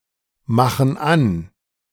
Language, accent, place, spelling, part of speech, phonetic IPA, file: German, Germany, Berlin, machen an, verb, [ˌmaxn̩ ˈan], De-machen an.ogg
- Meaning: inflection of anmachen: 1. first/third-person plural present 2. first/third-person plural subjunctive I